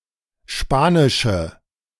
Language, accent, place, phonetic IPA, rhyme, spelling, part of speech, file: German, Germany, Berlin, [ˈʃpaːnɪʃə], -aːnɪʃə, spanische, adjective, De-spanische.ogg
- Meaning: inflection of spanisch: 1. strong/mixed nominative/accusative feminine singular 2. strong nominative/accusative plural 3. weak nominative all-gender singular